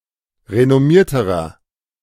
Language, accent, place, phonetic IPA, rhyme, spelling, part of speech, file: German, Germany, Berlin, [ʁenɔˈmiːɐ̯təʁɐ], -iːɐ̯təʁɐ, renommierterer, adjective, De-renommierterer.ogg
- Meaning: inflection of renommiert: 1. strong/mixed nominative masculine singular comparative degree 2. strong genitive/dative feminine singular comparative degree 3. strong genitive plural comparative degree